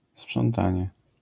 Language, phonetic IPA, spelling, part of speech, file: Polish, [spʃɔ̃nˈtãɲɛ], sprzątanie, noun, LL-Q809 (pol)-sprzątanie.wav